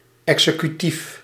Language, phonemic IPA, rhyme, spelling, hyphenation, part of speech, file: Dutch, /ˌɛk.sə.kyˈtif/, -if, executief, exe‧cu‧tief, adjective, Nl-executief.ogg
- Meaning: executive, putting into practice